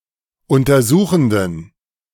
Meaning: inflection of untersuchend: 1. strong genitive masculine/neuter singular 2. weak/mixed genitive/dative all-gender singular 3. strong/weak/mixed accusative masculine singular 4. strong dative plural
- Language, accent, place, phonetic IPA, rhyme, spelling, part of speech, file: German, Germany, Berlin, [ˌʊntɐˈzuːxn̩dən], -uːxn̩dən, untersuchenden, adjective, De-untersuchenden.ogg